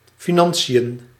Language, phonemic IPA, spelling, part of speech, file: Dutch, /fiˈnɑn.si.jə(n)/, financiën, noun, Nl-financiën.ogg
- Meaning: finances